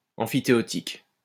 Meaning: freehold
- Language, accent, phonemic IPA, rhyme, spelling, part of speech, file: French, France, /ɑ̃.fi.te.ɔ.tik/, -ik, emphytéotique, adjective, LL-Q150 (fra)-emphytéotique.wav